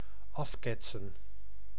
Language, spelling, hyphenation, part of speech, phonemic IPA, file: Dutch, afketsen, af‧ket‧sen, verb, /ˈɑfˌkɛtsə(n)/, Nl-afketsen.ogg
- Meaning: to rebound, to deflect, to ricochet